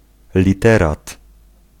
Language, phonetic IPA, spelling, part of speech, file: Polish, [lʲiˈtɛrat], literat, noun, Pl-literat.ogg